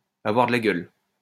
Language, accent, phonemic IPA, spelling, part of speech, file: French, France, /a.vwaʁ də la ɡœl/, avoir de la gueule, verb, LL-Q150 (fra)-avoir de la gueule.wav
- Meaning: to look nice, great; to be impressive